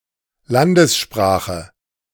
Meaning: national language
- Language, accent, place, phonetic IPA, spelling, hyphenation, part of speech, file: German, Germany, Berlin, [ˈlandəsˌʃpʁaːχə], Landessprache, Lan‧des‧spra‧che, noun, De-Landessprache.ogg